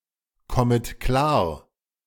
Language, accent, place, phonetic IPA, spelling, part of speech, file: German, Germany, Berlin, [ˌkɔmət ˈklaːɐ̯], kommet klar, verb, De-kommet klar.ogg
- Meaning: second-person plural subjunctive I of klarkommen